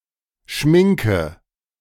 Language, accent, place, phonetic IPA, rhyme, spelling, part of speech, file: German, Germany, Berlin, [ˈʃmɪŋkə], -ɪŋkə, schminke, verb, De-schminke.ogg
- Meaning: inflection of schminken: 1. first-person singular present 2. singular imperative 3. first/third-person singular subjunctive I